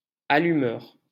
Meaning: 1. lighter 2. ignition system 3. a tease (person who excites sexually) 4. agent provocateur 5. partner-in-crime; accomplice
- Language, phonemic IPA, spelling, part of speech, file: French, /a.ly.mœʁ/, allumeur, noun, LL-Q150 (fra)-allumeur.wav